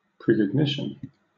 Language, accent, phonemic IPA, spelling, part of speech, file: English, Southern England, /ˌpɹiːkɒɡˈnɪʃn̩/, precognition, noun, LL-Q1860 (eng)-precognition.wav
- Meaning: Knowledge of the future; understanding of something in advance, especially as a form of supernatural or extrasensory perception